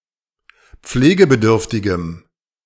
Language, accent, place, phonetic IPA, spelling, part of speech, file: German, Germany, Berlin, [ˈp͡fleːɡəbəˌdʏʁftɪɡəm], pflegebedürftigem, adjective, De-pflegebedürftigem.ogg
- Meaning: strong dative masculine/neuter singular of pflegebedürftig